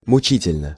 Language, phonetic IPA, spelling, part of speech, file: Russian, [mʊˈt͡ɕitʲɪlʲnə], мучительно, adverb / adjective, Ru-мучительно.ogg
- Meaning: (adverb) grievously, painfully (in a grievous manner); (adjective) short neuter singular of мучи́тельный (mučítelʹnyj)